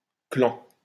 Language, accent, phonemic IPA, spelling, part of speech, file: French, France, /klɑ̃/, clan, noun, LL-Q150 (fra)-clan.wav
- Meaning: clan